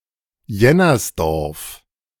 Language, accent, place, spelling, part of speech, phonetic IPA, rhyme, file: German, Germany, Berlin, Jennersdorf, proper noun, [ˈjɛnɐsˌdɔʁf], -ɛnɐsdɔʁf, De-Jennersdorf.ogg
- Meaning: a municipality of Burgenland, Austria